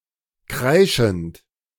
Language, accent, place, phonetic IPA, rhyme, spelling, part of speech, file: German, Germany, Berlin, [ˈkʁaɪ̯ʃn̩t], -aɪ̯ʃn̩t, kreischend, verb, De-kreischend.ogg
- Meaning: present participle of kreischen